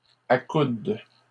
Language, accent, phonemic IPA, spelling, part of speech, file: French, Canada, /a.kud/, accoudent, verb, LL-Q150 (fra)-accoudent.wav
- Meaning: third-person plural present indicative/subjunctive of accouder